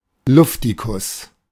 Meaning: happy-go-lucky
- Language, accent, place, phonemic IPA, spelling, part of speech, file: German, Germany, Berlin, /ˈlʊftikʊs/, Luftikus, noun, De-Luftikus.ogg